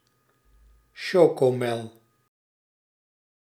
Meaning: synonym of chocolademelk
- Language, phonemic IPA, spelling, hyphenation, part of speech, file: Dutch, /ˈʃoː.koːˌmɛl/, chocomel, cho‧co‧mel, noun, Nl-chocomel.ogg